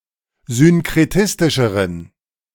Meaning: inflection of synkretistisch: 1. strong genitive masculine/neuter singular comparative degree 2. weak/mixed genitive/dative all-gender singular comparative degree
- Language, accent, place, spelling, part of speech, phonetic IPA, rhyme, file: German, Germany, Berlin, synkretistischeren, adjective, [zʏnkʁeˈtɪstɪʃəʁən], -ɪstɪʃəʁən, De-synkretistischeren.ogg